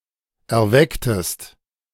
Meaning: inflection of erwecken: 1. second-person singular preterite 2. second-person singular subjunctive II
- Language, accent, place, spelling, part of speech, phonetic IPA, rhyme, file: German, Germany, Berlin, erwecktest, verb, [ɛɐ̯ˈvɛktəst], -ɛktəst, De-erwecktest.ogg